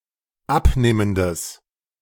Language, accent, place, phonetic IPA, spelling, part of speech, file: German, Germany, Berlin, [ˈapˌneːməndəs], abnehmendes, adjective, De-abnehmendes.ogg
- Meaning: strong/mixed nominative/accusative neuter singular of abnehmend